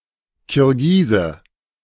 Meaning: Kyrgyz (man from Kyrgyzstan)
- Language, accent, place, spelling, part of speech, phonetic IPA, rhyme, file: German, Germany, Berlin, Kirgise, noun, [kɪʁˈɡiːzə], -iːzə, De-Kirgise.ogg